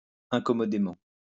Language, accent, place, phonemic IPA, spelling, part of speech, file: French, France, Lyon, /ɛ̃.kɔ.mɔ.de.mɑ̃/, incommodément, adverb, LL-Q150 (fra)-incommodément.wav
- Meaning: 1. inconveniently 2. uncomfortably